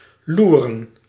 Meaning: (verb) 1. to lurk, spy 2. to be on the look-out for; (noun) plural of loer
- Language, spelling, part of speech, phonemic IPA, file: Dutch, loeren, verb / noun, /ˈlu.rə(n)/, Nl-loeren.ogg